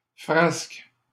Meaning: escapade, mischief (foolish experience or adventure)
- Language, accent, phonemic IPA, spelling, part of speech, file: French, Canada, /fʁask/, frasque, noun, LL-Q150 (fra)-frasque.wav